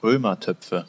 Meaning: nominative/accusative/genitive plural of Römertopf
- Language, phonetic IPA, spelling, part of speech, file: German, [ˈʁøːmɐˌtœp͡fə], Römertöpfe, noun, De-Römertöpfe.ogg